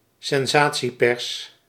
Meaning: yellow press
- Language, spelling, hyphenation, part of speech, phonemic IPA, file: Dutch, sensatiepers, sen‧sa‧tie‧pers, noun, /sɛnˈzaː.(t)siˌpɛrs/, Nl-sensatiepers.ogg